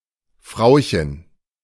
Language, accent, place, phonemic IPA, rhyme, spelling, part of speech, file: German, Germany, Berlin, /ˈfʁaʊ̯çən/, -aʊ̯çən, Frauchen, noun, De-Frauchen.ogg
- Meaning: 1. female owner, mistress (of an animal) 2. diminutive of Frau